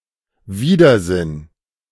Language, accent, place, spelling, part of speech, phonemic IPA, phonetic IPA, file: German, Germany, Berlin, Widersinn, noun, /ˈviːdəʁˌzɪn/, [ˈviːdɐˌzɪn], De-Widersinn.ogg
- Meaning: 1. misinterpretation, countersense 2. inconsistency, contradiction 3. nonsense, absurdity